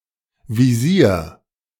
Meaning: 1. visor 2. sight
- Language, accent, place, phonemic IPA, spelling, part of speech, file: German, Germany, Berlin, /viˈziːr/, Visier, noun, De-Visier.ogg